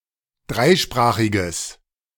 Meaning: strong/mixed nominative/accusative neuter singular of dreisprachig
- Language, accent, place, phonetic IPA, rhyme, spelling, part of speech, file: German, Germany, Berlin, [ˈdʁaɪ̯ˌʃpʁaːxɪɡəs], -aɪ̯ʃpʁaːxɪɡəs, dreisprachiges, adjective, De-dreisprachiges.ogg